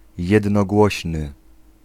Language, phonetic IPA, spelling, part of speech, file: Polish, [ˌjɛdnɔˈɡwɔɕnɨ], jednogłośny, adjective, Pl-jednogłośny.ogg